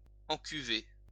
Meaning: past participle of encuver
- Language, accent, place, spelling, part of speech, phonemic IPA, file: French, France, Lyon, encuvé, verb, /ɑ̃.ky.ve/, LL-Q150 (fra)-encuvé.wav